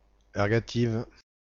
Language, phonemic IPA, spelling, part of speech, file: French, /ɛʁ.ɡa.tiv/, ergative, adjective, Ergative-FR.ogg
- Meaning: feminine singular of ergatif